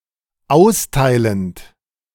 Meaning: present participle of austeilen
- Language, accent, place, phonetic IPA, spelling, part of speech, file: German, Germany, Berlin, [ˈaʊ̯sˌtaɪ̯lənt], austeilend, verb, De-austeilend.ogg